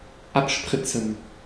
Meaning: 1. to spray over 2. to spunk, ejaculate 3. to kill by lethal injection
- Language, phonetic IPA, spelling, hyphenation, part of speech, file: German, [ˈʔapˌʃpʁɪtsn̩], abspritzen, ab‧sprit‧zen, verb, De-abspritzen.ogg